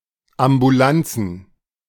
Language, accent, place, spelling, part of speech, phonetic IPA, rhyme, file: German, Germany, Berlin, Ambulanzen, noun, [ambuˈlant͡sn̩], -ant͡sn̩, De-Ambulanzen.ogg
- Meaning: plural of Ambulanz